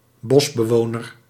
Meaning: forest dweller
- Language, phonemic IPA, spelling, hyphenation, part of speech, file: Dutch, /ˈbɔs.bəˌʋoː.nər/, bosbewoner, bos‧be‧wo‧ner, noun, Nl-bosbewoner.ogg